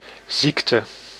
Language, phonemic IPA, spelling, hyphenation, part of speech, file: Dutch, /ˈziktə/, ziekte, ziek‧te, noun, Nl-ziekte.ogg
- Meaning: 1. the state of sickness 2. an illness, disease